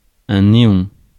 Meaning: 1. neon (the gas) 2. neon (luminous tube)
- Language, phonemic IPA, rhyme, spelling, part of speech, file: French, /ne.ɔ̃/, -ɔ̃, néon, noun, Fr-néon.ogg